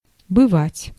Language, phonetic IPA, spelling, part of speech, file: Russian, [bɨˈvatʲ], бывать, verb, Ru-бывать.ogg
- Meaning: 1. to be 2. to occur, to happen (repeatedly) 3. to be at, to visit, to stay with